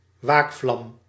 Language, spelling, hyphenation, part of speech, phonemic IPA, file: Dutch, waakvlam, waak‧vlam, noun, /ˈʋaːk.flɑm/, Nl-waakvlam.ogg
- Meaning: pilot light, pilot flame